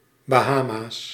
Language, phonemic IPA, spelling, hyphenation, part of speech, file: Dutch, /baːˈɦaː.maːs/, Bahama's, Ba‧ha‧ma's, proper noun, Nl-Bahama's.ogg
- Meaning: Bahamas (an archipelago and country in the Caribbean)